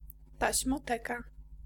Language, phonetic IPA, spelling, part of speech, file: Polish, [ˌtaɕmɔˈtɛka], taśmoteka, noun, Pl-taśmoteka.ogg